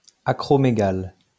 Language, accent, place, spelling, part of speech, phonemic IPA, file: French, France, Lyon, acromégale, adjective / noun, /a.kʁɔ.me.ɡal/, LL-Q150 (fra)-acromégale.wav
- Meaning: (adjective) acromegalic